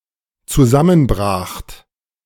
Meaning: second-person plural dependent preterite of zusammenbrechen
- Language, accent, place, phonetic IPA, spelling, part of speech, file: German, Germany, Berlin, [t͡suˈzamənˌbʁaːxt], zusammenbracht, verb, De-zusammenbracht.ogg